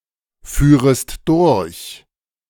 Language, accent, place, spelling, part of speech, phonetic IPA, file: German, Germany, Berlin, führest durch, verb, [ˌfyːʁəst ˈdʊʁç], De-führest durch.ogg
- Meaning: second-person singular subjunctive II of durchfahren